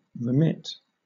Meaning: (verb) 1. To transmit or send (e.g. money in payment); to supply 2. To forgive, pardon (a wrong, offense, etc.) 3. To refrain from exacting or enforcing; to cancel 4. To give up; omit; cease doing
- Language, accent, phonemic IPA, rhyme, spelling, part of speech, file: English, Southern England, /ɹɪˈmɪt/, -ɪt, remit, verb / noun, LL-Q1860 (eng)-remit.wav